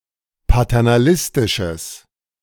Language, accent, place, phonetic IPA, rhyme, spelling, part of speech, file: German, Germany, Berlin, [patɛʁnaˈlɪstɪʃəs], -ɪstɪʃəs, paternalistisches, adjective, De-paternalistisches.ogg
- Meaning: strong/mixed nominative/accusative neuter singular of paternalistisch